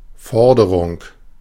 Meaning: 1. a demand, a (financial) claim 2. call (i.e., decision made publicly)
- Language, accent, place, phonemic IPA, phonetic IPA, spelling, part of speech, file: German, Germany, Berlin, /ˈfɔʁdəʁʊŋ/, [ˈfɔɐ̯dɐʁʊŋ], Forderung, noun, De-Forderung.ogg